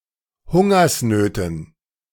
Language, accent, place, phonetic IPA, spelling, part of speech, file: German, Germany, Berlin, [ˈhʊŋɐsˌnøːtn̩], Hungersnöten, noun, De-Hungersnöten.ogg
- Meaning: dative plural of Hungersnot